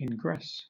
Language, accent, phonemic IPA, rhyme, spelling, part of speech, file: English, Southern England, /ɪŋˈɡɹɛs/, -ɛs, ingress, verb, LL-Q1860 (eng)-ingress.wav
- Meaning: 1. To intrude or insert oneself 2. To enter (a specified location or area) 3. To enter into a zodiacal sign 4. To manifest or cause to be manifested in the temporal world; to effect ingression